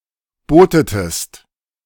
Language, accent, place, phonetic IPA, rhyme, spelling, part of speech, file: German, Germany, Berlin, [ˈboːtətəst], -oːtətəst, bootetest, verb, De-bootetest.ogg
- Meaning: inflection of booten: 1. second-person singular preterite 2. second-person singular subjunctive II